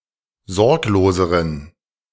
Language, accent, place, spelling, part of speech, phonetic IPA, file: German, Germany, Berlin, sorgloseren, adjective, [ˈzɔʁkloːzəʁən], De-sorgloseren.ogg
- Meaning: inflection of sorglos: 1. strong genitive masculine/neuter singular comparative degree 2. weak/mixed genitive/dative all-gender singular comparative degree